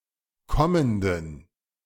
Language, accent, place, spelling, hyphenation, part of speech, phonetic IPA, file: German, Germany, Berlin, kommenden, kom‧men‧den, adjective, [ˈkɔməndn̩], De-kommenden.ogg
- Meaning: inflection of kommend: 1. strong genitive masculine/neuter singular 2. weak/mixed genitive/dative all-gender singular 3. strong/weak/mixed accusative masculine singular 4. strong dative plural